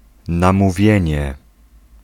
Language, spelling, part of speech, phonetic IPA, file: Polish, namówienie, noun, [ˌnãmuˈvʲjɛ̇̃ɲɛ], Pl-namówienie.ogg